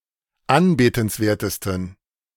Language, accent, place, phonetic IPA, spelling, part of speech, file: German, Germany, Berlin, [ˈanbeːtn̩sˌveːɐ̯təstn̩], anbetenswertesten, adjective, De-anbetenswertesten.ogg
- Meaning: 1. superlative degree of anbetenswert 2. inflection of anbetenswert: strong genitive masculine/neuter singular superlative degree